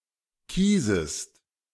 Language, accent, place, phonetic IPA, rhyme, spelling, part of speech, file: German, Germany, Berlin, [ˈkiːzəst], -iːzəst, kiesest, verb, De-kiesest.ogg
- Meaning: second-person singular subjunctive I of kiesen